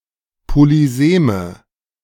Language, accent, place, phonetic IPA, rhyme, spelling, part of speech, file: German, Germany, Berlin, [poliˈzeːmə], -eːmə, Polyseme, noun, De-Polyseme.ogg
- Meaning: nominative/accusative/genitive plural of Polysem